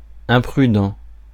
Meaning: imprudent, incautious, reckless, unwise
- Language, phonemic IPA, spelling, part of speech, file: French, /ɛ̃.pʁy.dɑ̃/, imprudent, adjective, Fr-imprudent.ogg